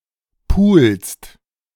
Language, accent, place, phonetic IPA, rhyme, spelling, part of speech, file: German, Germany, Berlin, [puːlst], -uːlst, pulst, verb, De-pulst.ogg
- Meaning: second-person singular present of pulen